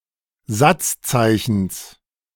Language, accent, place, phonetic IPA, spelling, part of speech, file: German, Germany, Berlin, [ˈzat͡sˌt͡saɪ̯çn̩s], Satzzeichens, noun, De-Satzzeichens.ogg
- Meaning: genitive singular of Satzzeichen